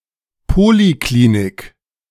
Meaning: outpatient clinic (either independent or, more often, as part of a hospital)
- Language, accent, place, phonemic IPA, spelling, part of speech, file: German, Germany, Berlin, /ˈpoːliˌkliːnɪk/, Poliklinik, noun, De-Poliklinik.ogg